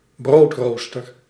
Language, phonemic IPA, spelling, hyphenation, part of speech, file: Dutch, /ˈbroːtroːstər/, broodrooster, brood‧roos‧ter, noun, Nl-broodrooster.ogg
- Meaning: toaster (appliance for toasting bread)